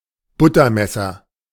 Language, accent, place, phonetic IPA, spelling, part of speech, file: German, Germany, Berlin, [ˈbʊtɐˌmɛsɐ], Buttermesser, noun, De-Buttermesser.ogg
- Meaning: butter knife